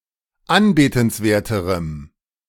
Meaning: strong dative masculine/neuter singular comparative degree of anbetenswert
- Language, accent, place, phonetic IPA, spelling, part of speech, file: German, Germany, Berlin, [ˈanbeːtn̩sˌveːɐ̯təʁəm], anbetenswerterem, adjective, De-anbetenswerterem.ogg